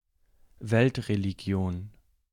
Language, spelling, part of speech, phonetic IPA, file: German, Weltreligion, noun, [ˈvɛltʁeliˌɡi̯oːn], De-Weltreligion.ogg
- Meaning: world religion